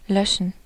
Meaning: 1. to quench (fire, thirst, or lime) 2. to delete, to erase (remembrance, memory, data) 3. to unload (goods from a ship)
- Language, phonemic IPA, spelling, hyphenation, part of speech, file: German, /ˈlœʃən/, löschen, lö‧schen, verb, De-löschen.ogg